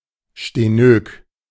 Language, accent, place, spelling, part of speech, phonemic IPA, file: German, Germany, Berlin, stenök, adjective, /ʃteˈnøːk/, De-stenök.ogg
- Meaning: stenoecious